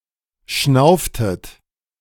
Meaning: inflection of schnaufen: 1. second-person plural preterite 2. second-person plural subjunctive II
- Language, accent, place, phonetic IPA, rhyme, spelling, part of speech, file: German, Germany, Berlin, [ˈʃnaʊ̯ftət], -aʊ̯ftət, schnauftet, verb, De-schnauftet.ogg